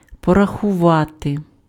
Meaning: to count, to calculate
- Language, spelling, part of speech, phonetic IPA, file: Ukrainian, порахувати, verb, [pɔrɐxʊˈʋate], Uk-порахувати.ogg